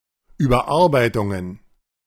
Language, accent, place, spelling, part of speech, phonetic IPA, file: German, Germany, Berlin, Überarbeitungen, noun, [yːbɐˈʔaʁbaɪ̯tʊŋən], De-Überarbeitungen.ogg
- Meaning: plural of Überarbeitung